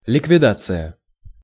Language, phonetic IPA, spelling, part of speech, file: Russian, [lʲɪkvʲɪˈdat͡sɨjə], ликвидация, noun, Ru-ликвидация.ogg
- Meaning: 1. eliminating 2. deletion 3. dissolution 4. liquidation